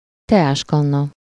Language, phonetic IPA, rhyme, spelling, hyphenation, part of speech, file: Hungarian, [ˈtɛaːʃkɒnːɒ], -nɒ, teáskanna, te‧ás‧kan‧na, noun, Hu-teáskanna.ogg
- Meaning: teapot